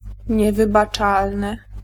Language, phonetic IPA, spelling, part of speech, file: Polish, [ˌɲɛvɨbaˈt͡ʃalnɨ], niewybaczalny, adjective, Pl-niewybaczalny.ogg